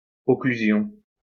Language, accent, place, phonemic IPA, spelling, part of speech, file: French, France, Lyon, /ɔ.kly.zjɔ̃/, occlusion, noun, LL-Q150 (fra)-occlusion.wav
- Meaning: occlusion